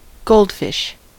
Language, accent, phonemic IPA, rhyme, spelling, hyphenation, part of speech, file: English, US, /ˈɡoʊldfɪʃ/, -oʊldfɪʃ, goldfish, gold‧fish, noun, En-us-goldfish.ogg
- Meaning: 1. A type of small fish, Carassius auratus, typically orange-colored 2. A person with an unreliable memory